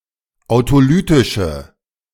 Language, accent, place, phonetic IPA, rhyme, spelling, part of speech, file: German, Germany, Berlin, [aʊ̯toˈlyːtɪʃə], -yːtɪʃə, autolytische, adjective, De-autolytische.ogg
- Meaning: inflection of autolytisch: 1. strong/mixed nominative/accusative feminine singular 2. strong nominative/accusative plural 3. weak nominative all-gender singular